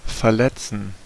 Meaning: 1. to hurt, to injure (cause bodily harm to someone) 2. to hurt, to injure (cause bodily harm to someone): to hurt (someone's feelings)
- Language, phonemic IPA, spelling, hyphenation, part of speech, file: German, /fɛɐ̯ˈlɛt͡sn̩/, verletzen, ver‧let‧zen, verb, De-verletzen.ogg